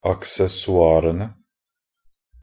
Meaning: definite plural of accessoir
- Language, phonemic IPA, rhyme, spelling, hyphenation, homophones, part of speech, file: Norwegian Bokmål, /aksɛsɔˈɑːrənə/, -ənə, accessoirene, ac‧ces‧so‧ir‧en‧e, aksessoarene, noun, Nb-accessoirene.ogg